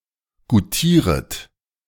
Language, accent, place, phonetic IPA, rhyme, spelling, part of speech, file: German, Germany, Berlin, [ɡuˈtiːʁət], -iːʁət, goutieret, verb, De-goutieret.ogg
- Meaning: second-person plural subjunctive I of goutieren